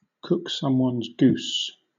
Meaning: To spoil one's plans or hope of success
- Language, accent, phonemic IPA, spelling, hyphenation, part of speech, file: English, Southern England, /ˈkʊk ˌsʌmwʌnz ˈɡuːs/, cook someone's goose, cook some‧one's goose, verb, LL-Q1860 (eng)-cook someone's goose.wav